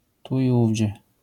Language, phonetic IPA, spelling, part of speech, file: Polish, [ˈtu i‿ˈuvʲd͡ʑɛ], tu i ówdzie, adverbial phrase, LL-Q809 (pol)-tu i ówdzie.wav